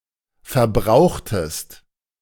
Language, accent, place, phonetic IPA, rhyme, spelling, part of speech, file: German, Germany, Berlin, [fɛɐ̯ˈbʁaʊ̯xtəst], -aʊ̯xtəst, verbrauchtest, verb, De-verbrauchtest.ogg
- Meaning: inflection of verbrauchen: 1. second-person singular preterite 2. second-person singular subjunctive II